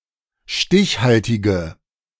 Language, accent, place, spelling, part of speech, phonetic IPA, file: German, Germany, Berlin, stichhaltige, adjective, [ˈʃtɪçˌhaltɪɡə], De-stichhaltige.ogg
- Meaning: inflection of stichhaltig: 1. strong/mixed nominative/accusative feminine singular 2. strong nominative/accusative plural 3. weak nominative all-gender singular